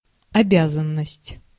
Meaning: 1. duty 2. service
- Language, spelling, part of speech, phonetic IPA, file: Russian, обязанность, noun, [ɐˈbʲazən(ː)əsʲtʲ], Ru-обязанность.ogg